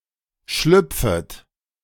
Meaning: second-person plural subjunctive I of schlüpfen
- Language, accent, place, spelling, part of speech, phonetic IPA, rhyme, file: German, Germany, Berlin, schlüpfet, verb, [ˈʃlʏp͡fət], -ʏp͡fət, De-schlüpfet.ogg